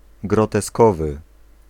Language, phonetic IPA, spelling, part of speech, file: Polish, [ˌɡrɔtɛˈskɔvɨ], groteskowy, adjective, Pl-groteskowy.ogg